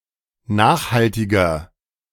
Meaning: 1. comparative degree of nachhaltig 2. inflection of nachhaltig: strong/mixed nominative masculine singular 3. inflection of nachhaltig: strong genitive/dative feminine singular
- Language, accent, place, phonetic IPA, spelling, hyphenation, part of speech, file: German, Germany, Berlin, [ˈnaːχhaltɪɡɐ], nachhaltiger, nach‧hal‧ti‧ger, adjective, De-nachhaltiger.ogg